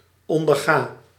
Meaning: inflection of ondergaan (“to undergo; to tolerate”): 1. first-person singular present indicative 2. second-person singular present indicative 3. imperative 4. singular present subjunctive
- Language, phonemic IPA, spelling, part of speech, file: Dutch, /ˌɔn.dərˈɣaː/, onderga, verb, Nl-onderga.ogg